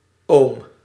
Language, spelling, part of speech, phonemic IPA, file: Dutch, ohm, noun, /om/, Nl-ohm.ogg
- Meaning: ohm